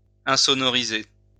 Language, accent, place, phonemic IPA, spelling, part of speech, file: French, France, Lyon, /ɛ̃.sɔ.nɔ.ʁi.ze/, insonoriser, verb, LL-Q150 (fra)-insonoriser.wav
- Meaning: to deafen, to soundproof (to make something soundproof)